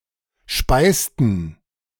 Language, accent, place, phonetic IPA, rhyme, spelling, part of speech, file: German, Germany, Berlin, [ˈʃpaɪ̯stn̩], -aɪ̯stn̩, speisten, verb, De-speisten.ogg
- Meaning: inflection of speisen: 1. first/third-person plural preterite 2. first/third-person plural subjunctive II